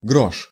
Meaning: 1. half-kopeck coin 2. grosz 3. groschen 4. penny, cent, farthing, small amount of money, peanuts (pl: гроши́ (groší))
- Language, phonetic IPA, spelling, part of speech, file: Russian, [ɡroʂ], грош, noun, Ru-грош.ogg